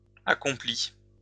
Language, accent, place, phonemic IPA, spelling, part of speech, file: French, France, Lyon, /a.kɔ̃.pli/, accomplie, adjective, LL-Q150 (fra)-accomplie.wav
- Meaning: feminine singular of accompli